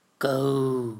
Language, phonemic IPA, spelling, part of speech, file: Mon, /kuː/, ဂူ, noun / verb, Mnw-ဂူ.wav
- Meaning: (noun) 1. market garden 2. a cultivated clearing; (verb) to rain